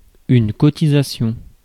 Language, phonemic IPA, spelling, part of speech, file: French, /kɔ.ti.za.sjɔ̃/, cotisation, noun, Fr-cotisation.ogg
- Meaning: 1. subscription, dues (for organisation etc.) 2. contribution(s) (to pension, social security etc.)